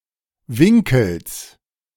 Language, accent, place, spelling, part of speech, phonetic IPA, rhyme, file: German, Germany, Berlin, Winkels, noun, [ˈvɪŋkl̩s], -ɪŋkl̩s, De-Winkels.ogg
- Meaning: genitive singular of Winkel